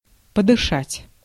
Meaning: to breathe
- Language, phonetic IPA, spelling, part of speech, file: Russian, [pədɨˈʂatʲ], подышать, verb, Ru-подышать.ogg